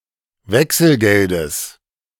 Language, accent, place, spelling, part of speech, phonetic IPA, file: German, Germany, Berlin, Wechselgeldes, noun, [ˈvɛksl̩ˌɡɛldəs], De-Wechselgeldes.ogg
- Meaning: genitive singular of Wechselgeld